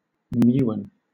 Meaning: An unstable elementary particle in the lepton family, having similar properties to the electron but with a mass 207 times greater
- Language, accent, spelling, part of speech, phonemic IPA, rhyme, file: English, Southern England, muon, noun, /ˈmjuːɒn/, -uːɒn, LL-Q1860 (eng)-muon.wav